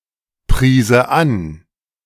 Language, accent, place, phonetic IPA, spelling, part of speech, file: German, Germany, Berlin, [ˌpʁiːzə ˈan], priese an, verb, De-priese an.ogg
- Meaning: first/third-person singular subjunctive II of anpreisen